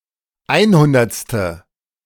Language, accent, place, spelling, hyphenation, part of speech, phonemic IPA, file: German, Germany, Berlin, einhundertste, ein‧hun‧derts‧te, adjective, /ˈaɪ̯nˌhʊndɐt͡stə/, De-einhundertste.ogg
- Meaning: hundredth